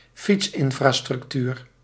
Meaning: cycling infrastructure
- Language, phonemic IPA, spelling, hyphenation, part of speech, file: Dutch, /ˈfits.ɪn.fraː.strʏkˌtyːr/, fietsinfrastructuur, fiets‧in‧fra‧struc‧tuur, noun, Nl-fietsinfrastructuur.ogg